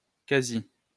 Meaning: almost, nearly
- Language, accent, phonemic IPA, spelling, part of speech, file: French, France, /ka.zi/, quasi, adverb, LL-Q150 (fra)-quasi.wav